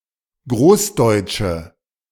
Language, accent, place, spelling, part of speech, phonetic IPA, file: German, Germany, Berlin, großdeutsche, adjective, [ˈɡʁoːsˌdɔɪ̯t͡ʃə], De-großdeutsche.ogg
- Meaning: inflection of großdeutsch: 1. strong/mixed nominative/accusative feminine singular 2. strong nominative/accusative plural 3. weak nominative all-gender singular